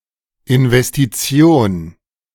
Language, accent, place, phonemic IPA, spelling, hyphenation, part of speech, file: German, Germany, Berlin, /ʔɪnvɛstiˈtsi̯oːn/, Investition, In‧ves‧ti‧ti‧on, noun, De-Investition.ogg
- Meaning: investment (a placement of capital in expectation of deriving income or profit from its use)